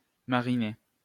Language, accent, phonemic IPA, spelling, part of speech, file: French, France, /ma.ʁi.ne/, mariner, verb, LL-Q150 (fra)-mariner.wav
- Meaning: to marinate